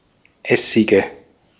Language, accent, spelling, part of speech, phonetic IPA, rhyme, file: German, Austria, Essige, noun, [ˈɛsɪɡə], -ɛsɪɡə, De-at-Essige.ogg
- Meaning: nominative/accusative/genitive plural of Essig